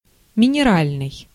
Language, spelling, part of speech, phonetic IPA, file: Russian, минеральный, adjective, [mʲɪnʲɪˈralʲnɨj], Ru-минеральный.ogg
- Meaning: 1. mineral 2. full of minerals (especially of wine)